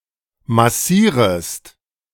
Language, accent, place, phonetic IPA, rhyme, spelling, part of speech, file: German, Germany, Berlin, [maˈsiːʁəst], -iːʁəst, massierest, verb, De-massierest.ogg
- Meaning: second-person singular subjunctive I of massieren